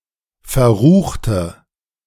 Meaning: inflection of verrucht: 1. strong/mixed nominative/accusative feminine singular 2. strong nominative/accusative plural 3. weak nominative all-gender singular
- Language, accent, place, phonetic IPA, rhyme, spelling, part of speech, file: German, Germany, Berlin, [fɛɐ̯ˈʁuːxtə], -uːxtə, verruchte, adjective, De-verruchte.ogg